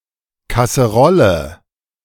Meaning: casserole, saucepan
- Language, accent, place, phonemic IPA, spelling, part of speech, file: German, Germany, Berlin, /ˈkasəˌʁɔlə/, Kasserolle, noun, De-Kasserolle.ogg